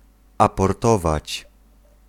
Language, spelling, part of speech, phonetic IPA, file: Polish, aportować, verb, [ˌapɔrˈtɔvat͡ɕ], Pl-aportować.ogg